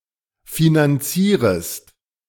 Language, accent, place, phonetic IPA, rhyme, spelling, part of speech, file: German, Germany, Berlin, [finanˈt͡siːʁəst], -iːʁəst, finanzierest, verb, De-finanzierest.ogg
- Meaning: second-person singular subjunctive I of finanzieren